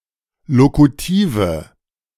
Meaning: inflection of lokutiv: 1. strong/mixed nominative/accusative feminine singular 2. strong nominative/accusative plural 3. weak nominative all-gender singular 4. weak accusative feminine/neuter singular
- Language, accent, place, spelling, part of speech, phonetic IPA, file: German, Germany, Berlin, lokutive, adjective, [ˈlokutiːvə], De-lokutive.ogg